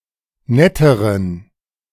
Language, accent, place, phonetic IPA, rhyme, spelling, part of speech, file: German, Germany, Berlin, [ˈnɛtəʁən], -ɛtəʁən, netteren, adjective, De-netteren.ogg
- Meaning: inflection of nett: 1. strong genitive masculine/neuter singular comparative degree 2. weak/mixed genitive/dative all-gender singular comparative degree